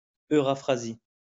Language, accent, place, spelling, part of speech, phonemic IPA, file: French, France, Lyon, Eurafrasie, proper noun, /ø.ʁa.fʁa.zi/, LL-Q150 (fra)-Eurafrasie.wav
- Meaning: Afro-Eurasia (supercontinent)